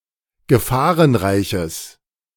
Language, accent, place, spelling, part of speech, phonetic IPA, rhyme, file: German, Germany, Berlin, gefahrenreiches, adjective, [ɡəˈfaːʁənˌʁaɪ̯çəs], -aːʁənʁaɪ̯çəs, De-gefahrenreiches.ogg
- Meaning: strong/mixed nominative/accusative neuter singular of gefahrenreich